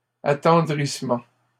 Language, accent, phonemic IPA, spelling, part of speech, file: French, Canada, /a.tɑ̃.dʁis.mɑ̃/, attendrissement, noun, LL-Q150 (fra)-attendrissement.wav
- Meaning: emotion, (tender) feeling; pity